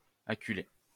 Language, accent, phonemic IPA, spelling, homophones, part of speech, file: French, France, /a.ky.le/, acculé, acculai / acculée / acculées / acculer / acculés / acculez, verb / adjective, LL-Q150 (fra)-acculé.wav
- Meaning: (verb) past participle of acculer; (adjective) 1. cornered 2. forced 3. of a quadruped (especially a horse): represented rearing up as if ready to gallop